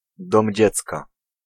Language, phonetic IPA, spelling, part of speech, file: Polish, [ˈdɔ̃mʲ ˈd͡ʑɛt͡ska], dom dziecka, noun, Pl-dom dziecka.ogg